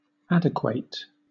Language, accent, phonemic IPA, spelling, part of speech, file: English, Southern England, /ˈæd.ɪˌkweɪt/, adequate, verb, LL-Q1860 (eng)-adequate.wav
- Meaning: 1. To equalize; to make adequate 2. To equal